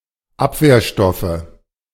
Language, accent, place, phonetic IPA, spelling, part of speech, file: German, Germany, Berlin, [ˈapveːɐ̯ˌʃtɔfə], Abwehrstoffe, noun, De-Abwehrstoffe.ogg
- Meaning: nominative/accusative/genitive plural of Abwehrstoff